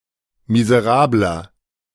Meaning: 1. comparative degree of miserabel 2. inflection of miserabel: strong/mixed nominative masculine singular 3. inflection of miserabel: strong genitive/dative feminine singular
- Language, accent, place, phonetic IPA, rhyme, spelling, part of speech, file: German, Germany, Berlin, [mizəˈʁaːblɐ], -aːblɐ, miserabler, adjective, De-miserabler.ogg